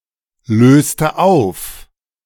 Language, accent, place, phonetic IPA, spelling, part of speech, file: German, Germany, Berlin, [ˌløːstə ˈaʊ̯f], löste auf, verb, De-löste auf.ogg
- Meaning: inflection of auflösen: 1. first/third-person singular preterite 2. first/third-person singular subjunctive II